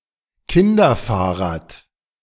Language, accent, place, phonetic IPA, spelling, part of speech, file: German, Germany, Berlin, [ˈkɪndɐˌfaːɐ̯ʁaːt], Kinderfahrrad, noun, De-Kinderfahrrad.ogg
- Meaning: child's bicycle (a bicycle adapted for children's necessities)